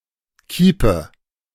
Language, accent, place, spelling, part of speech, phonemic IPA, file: German, Germany, Berlin, Kiepe, noun, /ˈkiːpə/, De-Kiepe.ogg
- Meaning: a large wicker basket, carrying basket (typically on the back)